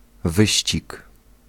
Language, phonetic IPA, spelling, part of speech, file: Polish, [ˈvɨɕt͡ɕik], wyścig, noun, Pl-wyścig.ogg